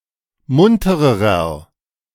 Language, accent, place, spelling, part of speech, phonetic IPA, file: German, Germany, Berlin, muntererer, adjective, [ˈmʊntəʁəʁɐ], De-muntererer.ogg
- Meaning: inflection of munter: 1. strong/mixed nominative masculine singular comparative degree 2. strong genitive/dative feminine singular comparative degree 3. strong genitive plural comparative degree